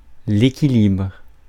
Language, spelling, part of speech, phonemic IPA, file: French, équilibre, noun / verb, /e.ki.libʁ/, Fr-équilibre.ogg
- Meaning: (noun) balance, equilibrium; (verb) inflection of équilibrer: 1. first/third-person singular present indicative/subjunctive 2. second-person singular imperative